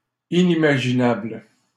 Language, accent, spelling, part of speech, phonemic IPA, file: French, Canada, inimaginable, adjective, /i.ni.ma.ʒi.nabl/, LL-Q150 (fra)-inimaginable.wav
- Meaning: unimaginable